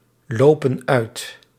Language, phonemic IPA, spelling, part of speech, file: Dutch, /ˈlopə(n) ˈœyt/, lopen uit, verb, Nl-lopen uit.ogg
- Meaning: inflection of uitlopen: 1. plural present indicative 2. plural present subjunctive